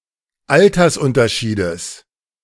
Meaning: genitive singular of Altersunterschied
- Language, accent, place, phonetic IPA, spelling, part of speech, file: German, Germany, Berlin, [ˈaltɐsˌʔʊntɐʃiːdəs], Altersunterschiedes, noun, De-Altersunterschiedes.ogg